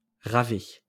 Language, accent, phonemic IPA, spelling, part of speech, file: French, France, /ʁa.vɛ/, ravet, noun, LL-Q150 (fra)-ravet.wav
- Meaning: cockroach